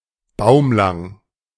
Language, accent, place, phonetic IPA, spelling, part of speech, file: German, Germany, Berlin, [ˈbaʊ̯mlaŋ], baumlang, adjective, De-baumlang.ogg
- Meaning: tall or lanky